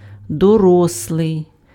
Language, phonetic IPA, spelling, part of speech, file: Ukrainian, [dɔˈrɔsɫei̯], дорослий, adjective / noun, Uk-дорослий.ogg
- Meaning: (adjective) grown-up, adult